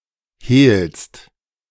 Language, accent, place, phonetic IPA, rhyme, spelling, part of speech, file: German, Germany, Berlin, [heːlst], -eːlst, hehlst, verb, De-hehlst.ogg
- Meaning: second-person singular present of hehlen